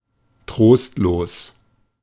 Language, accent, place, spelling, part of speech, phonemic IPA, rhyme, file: German, Germany, Berlin, trostlos, adjective, /ˈtʁoːstloːs/, -oːs, De-trostlos.ogg
- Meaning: 1. dreary, bleak, desolate, dismal 2. depressing 3. inconsolable